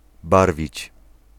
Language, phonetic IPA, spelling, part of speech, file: Polish, [ˈbarvʲit͡ɕ], barwić, verb, Pl-barwić.ogg